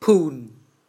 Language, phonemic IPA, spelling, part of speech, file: Mon, /pʰuːn/, ဖုန်, noun, Mnw-ဖုန်.wav
- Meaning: mattress